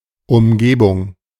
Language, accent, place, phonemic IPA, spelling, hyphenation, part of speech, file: German, Germany, Berlin, /ʊmˈɡeːbʊŋ/, Umgebung, Um‧ge‧bung, noun, De-Umgebung.ogg
- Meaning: environment (area around something), vicinity, surroundings